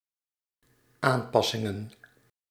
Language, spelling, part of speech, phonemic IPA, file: Dutch, aanpassingen, noun, /ˈampɑsɪŋə(n)/, Nl-aanpassingen.ogg
- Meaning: plural of aanpassing